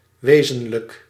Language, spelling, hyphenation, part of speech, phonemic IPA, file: Dutch, wezenlijk, we‧zen‧lijk, adjective, /ˈʋeː.zə(n).lək/, Nl-wezenlijk.ogg
- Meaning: 1. essential, fundamental 2. real, existing